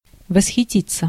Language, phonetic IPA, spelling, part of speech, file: Russian, [vəsxʲɪˈtʲit͡sːə], восхититься, verb, Ru-восхититься.ogg
- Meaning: 1. to be delighted 2. to admire 3. to be carried away 4. passive of восхити́ть (vosxitítʹ)